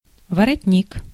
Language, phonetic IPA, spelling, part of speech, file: Russian, [vərɐtʲˈnʲik], воротник, noun, Ru-воротник.ogg
- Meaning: collar